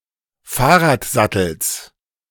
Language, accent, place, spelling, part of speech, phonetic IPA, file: German, Germany, Berlin, Fahrradsattels, noun, [ˈfaːɐ̯ʁaːtˌzatl̩s], De-Fahrradsattels.ogg
- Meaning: genitive singular of Fahrradsattel